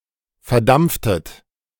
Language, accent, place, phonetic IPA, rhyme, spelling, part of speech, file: German, Germany, Berlin, [fɛɐ̯ˈdamp͡ftət], -amp͡ftət, verdampftet, verb, De-verdampftet.ogg
- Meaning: inflection of verdampfen: 1. second-person plural preterite 2. second-person plural subjunctive II